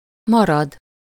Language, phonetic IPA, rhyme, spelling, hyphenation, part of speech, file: Hungarian, [ˈmɒrɒd], -ɒd, marad, ma‧rad, verb, Hu-marad.ogg